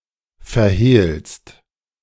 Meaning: second-person singular present of verhehlen
- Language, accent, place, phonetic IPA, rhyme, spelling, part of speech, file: German, Germany, Berlin, [fɛɐ̯ˈheːlst], -eːlst, verhehlst, verb, De-verhehlst.ogg